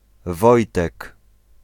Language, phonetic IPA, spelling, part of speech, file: Polish, [ˈvɔjtɛk], Wojtek, proper noun, Pl-Wojtek.ogg